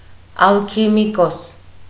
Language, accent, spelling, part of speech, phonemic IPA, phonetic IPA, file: Armenian, Eastern Armenian, ալքիմիկոս, noun, /ɑlkʰimiˈkos/, [ɑlkʰimikós], Hy-ալքիմիկոս.ogg
- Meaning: alchemist